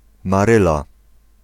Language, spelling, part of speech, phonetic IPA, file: Polish, Maryla, proper noun, [maˈrɨla], Pl-Maryla.ogg